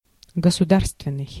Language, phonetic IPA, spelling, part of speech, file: Russian, [ɡəsʊˈdarstvʲɪn(ː)ɨj], государственный, adjective, Ru-государственный.ogg
- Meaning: 1. state 2. national 3. public